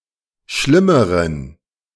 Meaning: inflection of schlimm: 1. strong genitive masculine/neuter singular comparative degree 2. weak/mixed genitive/dative all-gender singular comparative degree
- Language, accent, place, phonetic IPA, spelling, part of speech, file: German, Germany, Berlin, [ˈʃlɪməʁən], schlimmeren, adjective, De-schlimmeren.ogg